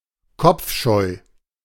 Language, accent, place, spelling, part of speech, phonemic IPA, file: German, Germany, Berlin, kopfscheu, adjective, /ˈkɔpfˌʃɔɪ̯/, De-kopfscheu.ogg
- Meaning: anxious, agitated